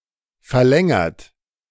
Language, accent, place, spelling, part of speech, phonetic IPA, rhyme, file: German, Germany, Berlin, verlängert, verb, [fɛɐ̯ˈlɛŋɐt], -ɛŋɐt, De-verlängert.ogg
- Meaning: 1. past participle of verlängern 2. inflection of verlängern: third-person singular present 3. inflection of verlängern: second-person plural present 4. inflection of verlängern: plural imperative